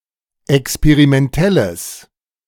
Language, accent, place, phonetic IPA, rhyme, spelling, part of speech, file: German, Germany, Berlin, [ɛkspeʁimɛnˈtɛləs], -ɛləs, experimentelles, adjective, De-experimentelles.ogg
- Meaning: strong/mixed nominative/accusative neuter singular of experimentell